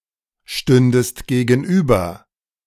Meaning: second-person singular subjunctive II of gegenüberstehen
- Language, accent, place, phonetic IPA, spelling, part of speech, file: German, Germany, Berlin, [ˌʃtʏndəst ɡeːɡn̩ˈʔyːbɐ], stündest gegenüber, verb, De-stündest gegenüber.ogg